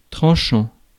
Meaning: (verb) present participle of trancher; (adjective) 1. sharp 2. cutting 3. trenchant; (noun) edge, e.g. for razors or swords
- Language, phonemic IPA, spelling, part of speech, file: French, /tʁɑ̃.ʃɑ̃/, tranchant, verb / adjective / noun, Fr-tranchant.ogg